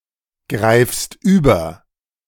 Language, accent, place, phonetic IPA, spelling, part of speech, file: German, Germany, Berlin, [ˌɡʁaɪ̯fst ˈyːbɐ], greifst über, verb, De-greifst über.ogg
- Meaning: second-person singular present of übergreifen